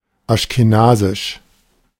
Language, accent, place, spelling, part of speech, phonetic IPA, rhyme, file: German, Germany, Berlin, aschkenasisch, adjective, [aʃkeˈnaːzɪʃ], -aːzɪʃ, De-aschkenasisch.ogg
- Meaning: Ashkenazi